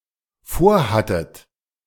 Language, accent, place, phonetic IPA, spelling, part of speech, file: German, Germany, Berlin, [ˈfoːɐ̯ˌhatət], vorhattet, verb, De-vorhattet.ogg
- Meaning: second-person plural dependent preterite of vorhaben